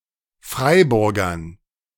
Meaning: dative plural of Freiburger
- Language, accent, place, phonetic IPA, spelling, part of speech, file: German, Germany, Berlin, [ˈfʁaɪ̯bʊʁɡɐn], Freiburgern, noun, De-Freiburgern.ogg